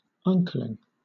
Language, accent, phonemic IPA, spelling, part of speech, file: English, Southern England, /ʌnˈklɪŋ/, uncling, verb, LL-Q1860 (eng)-uncling.wav
- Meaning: To cease from clinging or adhering